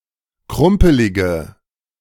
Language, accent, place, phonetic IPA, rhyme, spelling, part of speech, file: German, Germany, Berlin, [ˈkʁʊmpəlɪɡə], -ʊmpəlɪɡə, krumpelige, adjective, De-krumpelige.ogg
- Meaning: inflection of krumpelig: 1. strong/mixed nominative/accusative feminine singular 2. strong nominative/accusative plural 3. weak nominative all-gender singular